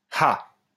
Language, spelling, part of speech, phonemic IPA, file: French, ha, interjection, /ha/, LL-Q150 (fra)-ha.wav
- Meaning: ha (exclamation of surprise or laughter)